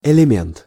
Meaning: 1. element, component 2. element 3. person (of a specified type); (in the plural) element 4. bad person, harmful person 5. electrochemical cell
- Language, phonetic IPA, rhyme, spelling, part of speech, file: Russian, [ɨlʲɪˈmʲent], -ent, элемент, noun, Ru-элемент.ogg